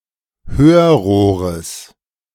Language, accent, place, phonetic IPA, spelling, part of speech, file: German, Germany, Berlin, [ˈhøːɐ̯ˌʁoːʁəs], Hörrohres, noun, De-Hörrohres.ogg
- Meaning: genitive singular of Hörrohr